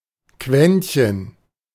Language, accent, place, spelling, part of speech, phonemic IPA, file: German, Germany, Berlin, Quäntchen, noun, /ˈkvɛntçən/, De-Quäntchen.ogg
- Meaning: a small amount, scrap